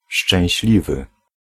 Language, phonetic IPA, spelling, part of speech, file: Polish, [ʃt͡ʃɛ̃w̃ɕˈlʲivɨ], szczęśliwy, adjective, Pl-szczęśliwy.ogg